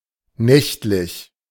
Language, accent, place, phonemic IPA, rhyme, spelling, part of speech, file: German, Germany, Berlin, /ˈnɛçtlɪç/, -ɛçtlɪç, nächtlich, adjective, De-nächtlich.ogg
- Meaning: 1. nightly, per night 2. nocturnal (taking place at the night)